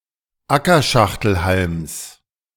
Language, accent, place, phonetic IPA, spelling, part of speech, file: German, Germany, Berlin, [ˈakɐˌʃaxtl̩halms], Ackerschachtelhalms, noun, De-Ackerschachtelhalms.ogg
- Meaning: genitive singular of Ackerschachtelhalm